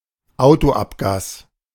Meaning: car exhaust fumes
- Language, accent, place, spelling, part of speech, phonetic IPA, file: German, Germany, Berlin, Autoabgas, noun, [ˈaʊ̯toˌʔapɡaːs], De-Autoabgas.ogg